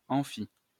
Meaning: lecture theatre
- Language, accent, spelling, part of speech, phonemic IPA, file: French, France, amphi, noun, /ɑ̃.fi/, LL-Q150 (fra)-amphi.wav